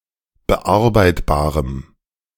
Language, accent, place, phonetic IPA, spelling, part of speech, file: German, Germany, Berlin, [bəˈʔaʁbaɪ̯tbaːʁəm], bearbeitbarem, adjective, De-bearbeitbarem.ogg
- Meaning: strong dative masculine/neuter singular of bearbeitbar